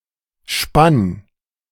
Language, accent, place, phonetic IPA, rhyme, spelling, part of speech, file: German, Germany, Berlin, [ʃpan], -an, spann, verb, De-spann.ogg
- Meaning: first/third-person singular preterite of spinnen